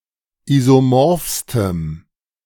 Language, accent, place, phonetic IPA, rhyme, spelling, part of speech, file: German, Germany, Berlin, [ˌizoˈmɔʁfstəm], -ɔʁfstəm, isomorphstem, adjective, De-isomorphstem.ogg
- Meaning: strong dative masculine/neuter singular superlative degree of isomorph